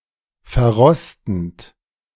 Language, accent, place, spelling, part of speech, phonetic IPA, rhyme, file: German, Germany, Berlin, verrostend, verb, [fɛɐ̯ˈʁɔstn̩t], -ɔstn̩t, De-verrostend.ogg
- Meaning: present participle of verrosten